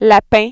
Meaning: rabbit
- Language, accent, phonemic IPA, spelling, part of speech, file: French, Quebec, /la.pẽ/, lapin, noun, Qc-lapin.ogg